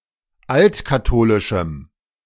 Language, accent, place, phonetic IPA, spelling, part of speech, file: German, Germany, Berlin, [ˈaltkaˌtoːlɪʃm̩], altkatholischem, adjective, De-altkatholischem.ogg
- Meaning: strong dative masculine/neuter singular of altkatholisch